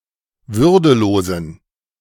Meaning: inflection of würdelos: 1. strong genitive masculine/neuter singular 2. weak/mixed genitive/dative all-gender singular 3. strong/weak/mixed accusative masculine singular 4. strong dative plural
- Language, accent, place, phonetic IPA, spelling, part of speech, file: German, Germany, Berlin, [ˈvʏʁdəˌloːzn̩], würdelosen, adjective, De-würdelosen.ogg